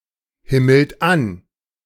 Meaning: inflection of anhimmeln: 1. third-person singular present 2. second-person plural present 3. plural imperative
- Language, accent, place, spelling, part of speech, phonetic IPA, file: German, Germany, Berlin, himmelt an, verb, [ˌhɪml̩t ˈan], De-himmelt an.ogg